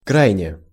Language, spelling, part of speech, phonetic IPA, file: Russian, крайне, adverb, [ˈkrajnʲe], Ru-крайне.ogg
- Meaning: extremely, very, too (much)